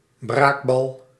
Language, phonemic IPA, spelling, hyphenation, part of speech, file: Dutch, /ˈbraːk.bɑl/, braakbal, braak‧bal, noun, Nl-braakbal.ogg
- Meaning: pellet vomited by a predator, including hairballs